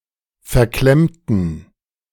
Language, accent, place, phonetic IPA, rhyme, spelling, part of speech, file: German, Germany, Berlin, [fɛɐ̯ˈklɛmtn̩], -ɛmtn̩, verklemmten, adjective / verb, De-verklemmten.ogg
- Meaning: inflection of verklemmt: 1. strong genitive masculine/neuter singular 2. weak/mixed genitive/dative all-gender singular 3. strong/weak/mixed accusative masculine singular 4. strong dative plural